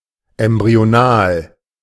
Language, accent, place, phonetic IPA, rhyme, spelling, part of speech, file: German, Germany, Berlin, [ɛmbʁioˈnaːl], -aːl, embryonal, adjective, De-embryonal.ogg
- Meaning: embryonic